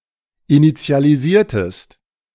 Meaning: inflection of initialisieren: 1. second-person singular preterite 2. second-person singular subjunctive II
- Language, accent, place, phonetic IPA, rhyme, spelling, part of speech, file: German, Germany, Berlin, [init͡si̯aliˈziːɐ̯təst], -iːɐ̯təst, initialisiertest, verb, De-initialisiertest.ogg